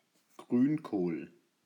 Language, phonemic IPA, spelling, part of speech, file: German, /ˈɡʁyːnˌkoːl/, Grünkohl, noun, De-Grünkohl.ogg
- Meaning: kale (Brassica oleracea convar. acephala var. sabellica)